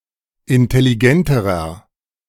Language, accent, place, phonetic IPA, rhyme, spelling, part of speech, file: German, Germany, Berlin, [ɪntɛliˈɡɛntəʁɐ], -ɛntəʁɐ, intelligenterer, adjective, De-intelligenterer.ogg
- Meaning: inflection of intelligent: 1. strong/mixed nominative masculine singular comparative degree 2. strong genitive/dative feminine singular comparative degree 3. strong genitive plural comparative degree